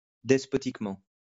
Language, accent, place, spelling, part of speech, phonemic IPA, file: French, France, Lyon, despotiquement, adverb, /dɛs.pɔ.tik.mɑ̃/, LL-Q150 (fra)-despotiquement.wav
- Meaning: despotically